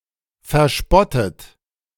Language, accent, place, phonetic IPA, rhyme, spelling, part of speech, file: German, Germany, Berlin, [fɛɐ̯ˈʃpɔtət], -ɔtət, verspottet, verb, De-verspottet.ogg
- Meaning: past participle of verspotten